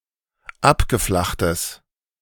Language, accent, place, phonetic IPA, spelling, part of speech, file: German, Germany, Berlin, [ˈapɡəˌflaxtəs], abgeflachtes, adjective, De-abgeflachtes.ogg
- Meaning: strong/mixed nominative/accusative neuter singular of abgeflacht